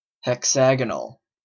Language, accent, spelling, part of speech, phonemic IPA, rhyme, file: English, Canada, hexagonal, adjective, /hɛkˈsæɡ.ə.nəl/, -æɡənəl, En-ca-hexagonal.oga
- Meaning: 1. Having six edges, or having a cross-section in the form of a hexagon 2. Having three equal axes which cross at 60° angles, and an unequal axis which crosses the others at 90° angle